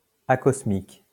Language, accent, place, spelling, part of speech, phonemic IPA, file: French, France, Lyon, acosmique, adjective, /a.kɔs.mik/, LL-Q150 (fra)-acosmique.wav
- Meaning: acosmic